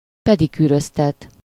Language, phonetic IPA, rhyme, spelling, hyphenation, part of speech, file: Hungarian, [ˈpɛdikyːrøstɛt], -ɛt, pedikűröztet, pe‧di‧kű‧röz‧tet, verb, Hu-pedikűröztet.ogg
- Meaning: causative of pedikűröz: to get a pedicure, to have one's toenails and corns treated